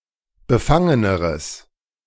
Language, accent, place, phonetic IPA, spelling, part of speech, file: German, Germany, Berlin, [bəˈfaŋənəʁəs], befangeneres, adjective, De-befangeneres.ogg
- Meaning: strong/mixed nominative/accusative neuter singular comparative degree of befangen